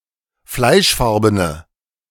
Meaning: inflection of fleischfarben: 1. strong/mixed nominative/accusative feminine singular 2. strong nominative/accusative plural 3. weak nominative all-gender singular
- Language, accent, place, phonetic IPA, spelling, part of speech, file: German, Germany, Berlin, [ˈflaɪ̯ʃˌfaʁbənə], fleischfarbene, adjective, De-fleischfarbene.ogg